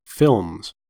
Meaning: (noun) plural of film; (verb) third-person singular simple present indicative of film
- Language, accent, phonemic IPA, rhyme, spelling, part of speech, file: English, US, /fɪlmz/, -ɪlmz, films, noun / verb, En-us-films.ogg